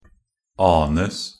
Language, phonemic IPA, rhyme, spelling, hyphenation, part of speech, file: Norwegian Bokmål, /ˈɑːnəs/, -əs, anes, an‧es, verb, Nb-anes.ogg
- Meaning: passive of ane